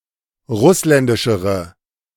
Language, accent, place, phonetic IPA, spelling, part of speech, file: German, Germany, Berlin, [ˈʁʊslɛndɪʃəʁə], russländischere, adjective, De-russländischere.ogg
- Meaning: inflection of russländisch: 1. strong/mixed nominative/accusative feminine singular comparative degree 2. strong nominative/accusative plural comparative degree